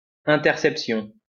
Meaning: interception
- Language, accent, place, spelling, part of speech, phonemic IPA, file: French, France, Lyon, interception, noun, /ɛ̃.tɛʁ.sɛp.sjɔ̃/, LL-Q150 (fra)-interception.wav